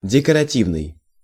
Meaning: decorative
- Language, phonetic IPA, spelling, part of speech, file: Russian, [dʲɪkərɐˈtʲivnɨj], декоративный, adjective, Ru-декоративный.ogg